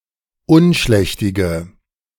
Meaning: inflection of unschlächtig: 1. strong/mixed nominative/accusative feminine singular 2. strong nominative/accusative plural 3. weak nominative all-gender singular
- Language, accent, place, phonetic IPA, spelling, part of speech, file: German, Germany, Berlin, [ˈʊnˌʃlɛçtɪɡə], unschlächtige, adjective, De-unschlächtige.ogg